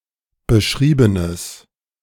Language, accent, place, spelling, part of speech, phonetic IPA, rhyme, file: German, Germany, Berlin, beschriebenes, adjective, [bəˈʃʁiːbənəs], -iːbənəs, De-beschriebenes.ogg
- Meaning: strong/mixed nominative/accusative neuter singular of beschrieben